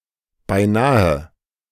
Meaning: almost; nearly
- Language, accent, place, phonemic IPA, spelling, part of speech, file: German, Germany, Berlin, /baɪ̯ˈnaːə/, beinahe, adverb, De-beinahe.ogg